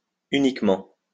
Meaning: 1. uniquely 2. only; exclusively; solely 3. merely; only; just
- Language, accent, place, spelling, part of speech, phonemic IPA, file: French, France, Lyon, uniquement, adverb, /y.nik.mɑ̃/, LL-Q150 (fra)-uniquement.wav